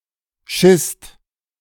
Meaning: second-person singular/plural preterite of scheißen
- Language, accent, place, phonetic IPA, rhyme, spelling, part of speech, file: German, Germany, Berlin, [ʃɪst], -ɪst, schisst, verb, De-schisst.ogg